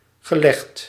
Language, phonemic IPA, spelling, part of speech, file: Dutch, /ɣəˈlɛxt/, gelegd, verb, Nl-gelegd.ogg
- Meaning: past participle of leggen